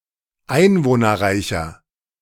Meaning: 1. comparative degree of einwohnerreich 2. inflection of einwohnerreich: strong/mixed nominative masculine singular 3. inflection of einwohnerreich: strong genitive/dative feminine singular
- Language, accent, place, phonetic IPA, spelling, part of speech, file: German, Germany, Berlin, [ˈaɪ̯nvoːnɐˌʁaɪ̯çɐ], einwohnerreicher, adjective, De-einwohnerreicher.ogg